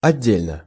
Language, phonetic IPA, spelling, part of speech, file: Russian, [ɐˈdʲːelʲnə], отдельно, adverb / adjective, Ru-отдельно.ogg
- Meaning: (adverb) separately (in a separate manner); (adjective) short neuter singular of отде́льный (otdélʹnyj)